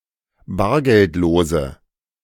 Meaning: inflection of bargeldlos: 1. strong/mixed nominative/accusative feminine singular 2. strong nominative/accusative plural 3. weak nominative all-gender singular
- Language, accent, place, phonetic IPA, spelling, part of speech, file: German, Germany, Berlin, [ˈbaːɐ̯ɡɛltˌloːzə], bargeldlose, adjective, De-bargeldlose.ogg